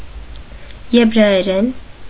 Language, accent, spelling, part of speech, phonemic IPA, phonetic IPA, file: Armenian, Eastern Armenian, եբրայերեն, noun / adverb / adjective, /jebɾɑjeˈɾen/, [jebɾɑjeɾén], Hy-եբրայերեն.ogg
- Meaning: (noun) Hebrew (language); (adverb) in Hebrew; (adjective) Hebrew (of or pertaining to the language)